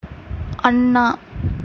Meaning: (noun) 1. vocative of அண்ணன் (aṇṇaṉ, “elder brother”) 2. elder brother; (proper noun) Anna, short for அண்ணாதுரை (aṇṇāturai); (verb) 1. to look upwards 2. to gape 3. to hold the head erect
- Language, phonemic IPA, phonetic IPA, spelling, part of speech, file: Tamil, /ɐɳːɑː/, [ɐɳːäː], அண்ணா, noun / proper noun / verb, Ta-அண்ணா.ogg